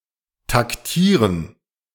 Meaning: 1. to act tactically, to maneuver, to use clever tactics, to use caution 2. to beat time
- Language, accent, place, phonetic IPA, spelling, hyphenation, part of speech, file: German, Germany, Berlin, [takˈtiːʁən], taktieren, tak‧tie‧ren, verb, De-taktieren.ogg